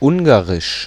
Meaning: Hungarian language
- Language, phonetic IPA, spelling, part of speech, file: German, [ˈʊŋɡarɪʃ], Ungarisch, proper noun, De-Ungarisch.ogg